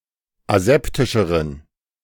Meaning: inflection of aseptisch: 1. strong genitive masculine/neuter singular comparative degree 2. weak/mixed genitive/dative all-gender singular comparative degree
- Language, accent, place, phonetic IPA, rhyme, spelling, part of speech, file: German, Germany, Berlin, [aˈzɛptɪʃəʁən], -ɛptɪʃəʁən, aseptischeren, adjective, De-aseptischeren.ogg